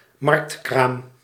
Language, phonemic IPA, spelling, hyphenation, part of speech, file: Dutch, /ˈmɑrkt.kraːm/, marktkraam, markt‧kraam, noun, Nl-marktkraam.ogg
- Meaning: market stall (stall or booth on a market)